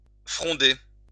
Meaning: 1. to slingshot 2. to critique
- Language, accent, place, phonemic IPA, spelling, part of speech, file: French, France, Lyon, /fʁɔ̃.de/, fronder, verb, LL-Q150 (fra)-fronder.wav